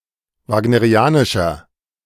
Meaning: inflection of wagnerianisch: 1. strong/mixed nominative masculine singular 2. strong genitive/dative feminine singular 3. strong genitive plural
- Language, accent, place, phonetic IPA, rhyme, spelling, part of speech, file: German, Germany, Berlin, [ˌvaːɡnəʁiˈaːnɪʃɐ], -aːnɪʃɐ, wagnerianischer, adjective, De-wagnerianischer.ogg